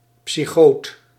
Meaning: psychotic, a person afflicted with psychosis
- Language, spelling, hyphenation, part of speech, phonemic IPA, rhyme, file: Dutch, psychoot, psy‧choot, noun, /psiˈxoːt/, -oːt, Nl-psychoot.ogg